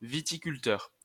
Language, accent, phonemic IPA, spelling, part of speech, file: French, France, /vi.ti.kyl.tœʁ/, viticulteur, noun, LL-Q150 (fra)-viticulteur.wav
- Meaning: 1. winegrower 2. viticulturist